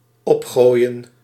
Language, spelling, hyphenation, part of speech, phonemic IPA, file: Dutch, opgooien, op‧gooi‧en, verb, /ˈɔpxoːjə(n)/, Nl-opgooien.ogg
- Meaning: to throw upwards